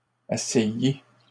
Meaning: feminine plural of assailli
- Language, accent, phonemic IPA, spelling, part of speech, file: French, Canada, /a.sa.ji/, assaillies, verb, LL-Q150 (fra)-assaillies.wav